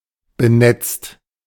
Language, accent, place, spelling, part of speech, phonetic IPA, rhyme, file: German, Germany, Berlin, benetzt, verb, [bəˈnɛt͡st], -ɛt͡st, De-benetzt.ogg
- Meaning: 1. past participle of benetzen 2. inflection of benetzen: second-person singular/plural present 3. inflection of benetzen: third-person singular present 4. inflection of benetzen: plural imperative